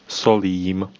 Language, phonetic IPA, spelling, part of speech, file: Czech, [ˈsoliːm], solím, noun / verb, Cs-solím.ogg
- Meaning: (noun) dative plural of sůl; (verb) first-person singular present of solit